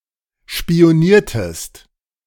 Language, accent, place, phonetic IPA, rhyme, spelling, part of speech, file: German, Germany, Berlin, [ʃpi̯oˈniːɐ̯təst], -iːɐ̯təst, spioniertest, verb, De-spioniertest.ogg
- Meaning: inflection of spionieren: 1. second-person singular preterite 2. second-person singular subjunctive II